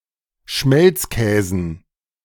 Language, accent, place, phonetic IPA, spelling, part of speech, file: German, Germany, Berlin, [ˈʃmɛlt͡sˌkɛːzn̩], Schmelzkäsen, noun, De-Schmelzkäsen.ogg
- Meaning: dative plural of Schmelzkäse